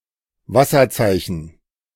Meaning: watermark
- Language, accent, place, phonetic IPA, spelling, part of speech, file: German, Germany, Berlin, [ˈvasɐˌt͡saɪ̯çn̩], Wasserzeichen, noun, De-Wasserzeichen.ogg